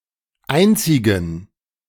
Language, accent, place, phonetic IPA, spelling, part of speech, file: German, Germany, Berlin, [ˈaɪ̯nt͡sɪɡŋ̩], einzigen, adjective, De-einzigen.ogg
- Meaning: inflection of einzig: 1. strong genitive masculine/neuter singular 2. weak/mixed genitive/dative all-gender singular 3. strong/weak/mixed accusative masculine singular 4. strong dative plural